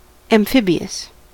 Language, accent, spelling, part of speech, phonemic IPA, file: English, US, amphibious, adjective, /æmˈfɪbi.əs/, En-us-amphibious.ogg
- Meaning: 1. Capable of functioning on land or in water 2. Occurring on both land and water 3. Ambidextrous